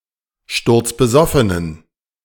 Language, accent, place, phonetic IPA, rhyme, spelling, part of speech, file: German, Germany, Berlin, [ˌʃtʊʁt͡sbəˈzɔfənən], -ɔfənən, sturzbesoffenen, adjective, De-sturzbesoffenen.ogg
- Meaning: inflection of sturzbesoffen: 1. strong genitive masculine/neuter singular 2. weak/mixed genitive/dative all-gender singular 3. strong/weak/mixed accusative masculine singular 4. strong dative plural